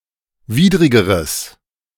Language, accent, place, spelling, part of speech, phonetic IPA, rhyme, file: German, Germany, Berlin, widrigeres, adjective, [ˈviːdʁɪɡəʁəs], -iːdʁɪɡəʁəs, De-widrigeres.ogg
- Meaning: strong/mixed nominative/accusative neuter singular comparative degree of widrig